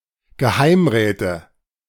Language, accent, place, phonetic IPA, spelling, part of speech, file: German, Germany, Berlin, [ɡəˈhaɪ̯mˌʁɛːtə], Geheimräte, noun, De-Geheimräte.ogg
- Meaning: nominative/accusative/genitive plural of Geheimrat